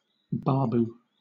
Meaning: A Hindu title of respect, equivalent to Mr., usually appended to the surname of a Hindu man
- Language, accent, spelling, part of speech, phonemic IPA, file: English, Southern England, babu, noun, /ˈbɑːbuː/, LL-Q1860 (eng)-babu.wav